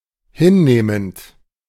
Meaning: present participle of hinnehmen
- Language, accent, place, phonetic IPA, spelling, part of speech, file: German, Germany, Berlin, [ˈhɪnˌneːmənt], hinnehmend, verb, De-hinnehmend.ogg